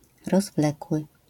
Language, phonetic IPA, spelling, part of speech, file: Polish, [rɔzˈvlɛkwɨ], rozwlekły, adjective, LL-Q809 (pol)-rozwlekły.wav